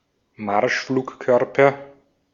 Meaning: cruise missile
- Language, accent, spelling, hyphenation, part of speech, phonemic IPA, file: German, Austria, Marschflugkörper, Marsch‧flug‧kör‧per, noun, /ˈmaʁʃfluːkˌkœʁpɐ/, De-at-Marschflugkörper.ogg